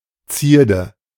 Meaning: ornament; adornment
- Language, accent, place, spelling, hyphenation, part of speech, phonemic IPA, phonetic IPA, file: German, Germany, Berlin, Zierde, Zier‧de, noun, /ˈt͡siːrdə/, [t͡si(ː)ɐ̯də], De-Zierde.ogg